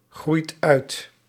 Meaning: inflection of uitgroeien: 1. second/third-person singular present indicative 2. plural imperative
- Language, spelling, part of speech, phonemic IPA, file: Dutch, groeit uit, verb, /ˈɣrujt ˈœyt/, Nl-groeit uit.ogg